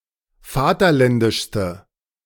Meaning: inflection of vaterländisch: 1. strong/mixed nominative/accusative feminine singular superlative degree 2. strong nominative/accusative plural superlative degree
- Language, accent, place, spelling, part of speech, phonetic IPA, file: German, Germany, Berlin, vaterländischste, adjective, [ˈfaːtɐˌlɛndɪʃstə], De-vaterländischste.ogg